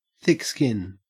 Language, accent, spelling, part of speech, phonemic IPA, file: English, Australia, thick skin, noun, /θɪk ˈskɪn/, En-au-thick skin.ogg
- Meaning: 1. Ability to take criticism or harsh behavior without being easily offended 2. Used other than figuratively or idiomatically: see thick, skin